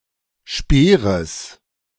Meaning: genitive singular of Speer
- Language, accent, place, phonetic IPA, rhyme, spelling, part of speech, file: German, Germany, Berlin, [ˈʃpeːʁəs], -eːʁəs, Speeres, noun, De-Speeres.ogg